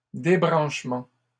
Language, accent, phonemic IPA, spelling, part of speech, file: French, Canada, /de.bʁɑ̃ʃ.mɑ̃/, débranchements, noun, LL-Q150 (fra)-débranchements.wav
- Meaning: plural of débranchement